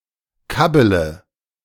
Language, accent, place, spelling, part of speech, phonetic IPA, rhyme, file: German, Germany, Berlin, kabbele, verb, [ˈkabələ], -abələ, De-kabbele.ogg
- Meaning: inflection of kabbeln: 1. first-person singular present 2. first-person plural subjunctive I 3. third-person singular subjunctive I 4. singular imperative